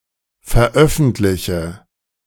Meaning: inflection of veröffentlichen: 1. first-person singular present 2. first/third-person singular subjunctive I 3. singular imperative
- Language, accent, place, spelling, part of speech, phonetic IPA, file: German, Germany, Berlin, veröffentliche, verb, [fɛɐ̯ˈʔœfn̩tlɪçə], De-veröffentliche.ogg